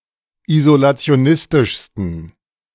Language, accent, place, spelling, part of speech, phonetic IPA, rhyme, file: German, Germany, Berlin, isolationistischsten, adjective, [izolat͡si̯oˈnɪstɪʃstn̩], -ɪstɪʃstn̩, De-isolationistischsten.ogg
- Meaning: 1. superlative degree of isolationistisch 2. inflection of isolationistisch: strong genitive masculine/neuter singular superlative degree